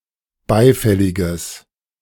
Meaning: strong/mixed nominative/accusative neuter singular of beifällig
- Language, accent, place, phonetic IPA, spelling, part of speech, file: German, Germany, Berlin, [ˈbaɪ̯ˌfɛlɪɡəs], beifälliges, adjective, De-beifälliges.ogg